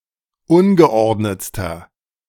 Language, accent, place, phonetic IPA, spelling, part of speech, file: German, Germany, Berlin, [ˈʊnɡəˌʔɔʁdnət͡stɐ], ungeordnetster, adjective, De-ungeordnetster.ogg
- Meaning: inflection of ungeordnet: 1. strong/mixed nominative masculine singular superlative degree 2. strong genitive/dative feminine singular superlative degree 3. strong genitive plural superlative degree